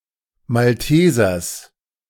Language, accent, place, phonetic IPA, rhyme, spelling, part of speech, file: German, Germany, Berlin, [malˈteːzɐs], -eːzɐs, Maltesers, noun, De-Maltesers.ogg
- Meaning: genitive singular of Malteser